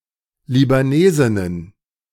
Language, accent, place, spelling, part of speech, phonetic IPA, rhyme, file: German, Germany, Berlin, Libanesinnen, noun, [libaˈneːzɪnən], -eːzɪnən, De-Libanesinnen.ogg
- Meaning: plural of Libanesin